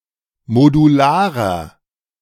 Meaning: 1. comparative degree of modular 2. inflection of modular: strong/mixed nominative masculine singular 3. inflection of modular: strong genitive/dative feminine singular
- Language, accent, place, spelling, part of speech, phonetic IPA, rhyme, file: German, Germany, Berlin, modularer, adjective, [moduˈlaːʁɐ], -aːʁɐ, De-modularer.ogg